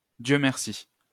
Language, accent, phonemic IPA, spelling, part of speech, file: French, France, /djø mɛʁ.si/, Dieu merci, interjection, LL-Q150 (fra)-Dieu merci.wav
- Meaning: thank God! thank goodness!